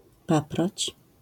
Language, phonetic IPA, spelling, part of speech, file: Polish, [ˈpaprɔt͡ɕ], paproć, noun, LL-Q809 (pol)-paproć.wav